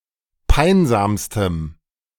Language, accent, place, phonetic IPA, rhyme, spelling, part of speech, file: German, Germany, Berlin, [ˈpaɪ̯nzaːmstəm], -aɪ̯nzaːmstəm, peinsamstem, adjective, De-peinsamstem.ogg
- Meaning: strong dative masculine/neuter singular superlative degree of peinsam